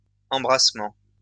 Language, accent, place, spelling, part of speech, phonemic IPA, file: French, France, Lyon, embrassement, noun, /ɑ̃.bʁas.mɑ̃/, LL-Q150 (fra)-embrassement.wav
- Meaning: 1. embracing 2. hugs and kisses